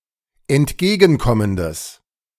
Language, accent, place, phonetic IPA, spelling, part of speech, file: German, Germany, Berlin, [ɛntˈɡeːɡn̩ˌkɔməndəs], entgegenkommendes, adjective, De-entgegenkommendes.ogg
- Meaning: strong/mixed nominative/accusative neuter singular of entgegenkommend